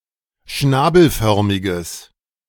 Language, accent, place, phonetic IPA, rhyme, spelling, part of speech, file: German, Germany, Berlin, [ˈʃnaːbl̩ˌfœʁmɪɡəs], -aːbl̩fœʁmɪɡəs, schnabelförmiges, adjective, De-schnabelförmiges.ogg
- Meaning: strong/mixed nominative/accusative neuter singular of schnabelförmig